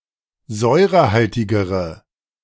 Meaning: inflection of säurehaltig: 1. strong/mixed nominative/accusative feminine singular comparative degree 2. strong nominative/accusative plural comparative degree
- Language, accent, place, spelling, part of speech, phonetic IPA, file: German, Germany, Berlin, säurehaltigere, adjective, [ˈzɔɪ̯ʁəˌhaltɪɡəʁə], De-säurehaltigere.ogg